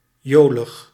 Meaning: jolly, merry
- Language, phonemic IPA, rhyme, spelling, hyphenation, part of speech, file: Dutch, /ˈjoː.ləx/, -oːləx, jolig, jo‧lig, adjective, Nl-jolig.ogg